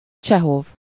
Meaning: 1. Chekhov, a Russian surname 2. Anton Pavlovich Chekhov (Антон Павлович Чехов Antón Pávlovič Čéxov), a Russian writer (1860–1904)
- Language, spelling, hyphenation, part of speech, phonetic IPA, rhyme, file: Hungarian, Csehov, Cse‧hov, proper noun, [ˈt͡ʃɛɦov], -ov, Hu-Csehov.ogg